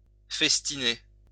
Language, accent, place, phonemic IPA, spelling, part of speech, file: French, France, Lyon, /fɛs.ti.ne/, festiner, verb, LL-Q150 (fra)-festiner.wav
- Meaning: to feast